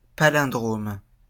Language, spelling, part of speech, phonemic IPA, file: French, palindrome, noun, /pa.lɛ̃.dʁom/, LL-Q150 (fra)-palindrome.wav
- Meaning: palindrome